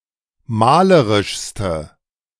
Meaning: inflection of malerisch: 1. strong/mixed nominative/accusative feminine singular superlative degree 2. strong nominative/accusative plural superlative degree
- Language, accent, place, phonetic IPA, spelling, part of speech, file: German, Germany, Berlin, [ˈmaːləʁɪʃstə], malerischste, adjective, De-malerischste.ogg